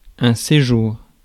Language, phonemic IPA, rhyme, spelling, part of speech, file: French, /se.ʒuʁ/, -uʁ, séjour, noun, Fr-séjour.ogg
- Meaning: 1. stay, visit, trip, sojourn 2. living room